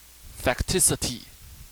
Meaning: The quality or state of being a fact
- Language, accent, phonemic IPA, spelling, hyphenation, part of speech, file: English, Received Pronunciation, /fækˈtɪsɪti/, facticity, fact‧i‧ci‧ty, noun, En-uk-facticity.oga